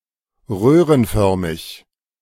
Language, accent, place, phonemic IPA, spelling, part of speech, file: German, Germany, Berlin, /ˈʁøːʁənˌfœʁmɪç/, röhrenförmig, adjective, De-röhrenförmig.ogg
- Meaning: tubular